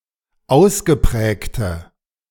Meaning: inflection of ausgeprägt: 1. strong/mixed nominative/accusative feminine singular 2. strong nominative/accusative plural 3. weak nominative all-gender singular
- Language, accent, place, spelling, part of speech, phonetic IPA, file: German, Germany, Berlin, ausgeprägte, adjective, [ˈaʊ̯sɡəˌpʁɛːktə], De-ausgeprägte.ogg